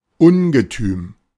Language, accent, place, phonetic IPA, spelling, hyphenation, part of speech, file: German, Germany, Berlin, [ˈʊnɡətyːm], Ungetüm, Un‧ge‧tüm, noun, De-Ungetüm.ogg
- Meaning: monster